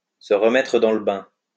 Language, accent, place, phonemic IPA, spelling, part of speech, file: French, France, Lyon, /sə ʁ(ə).mɛ.tʁə dɑ̃ l(ə) bɛ̃/, se remettre dans le bain, verb, LL-Q150 (fra)-se remettre dans le bain.wav
- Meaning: to get back into the swing of things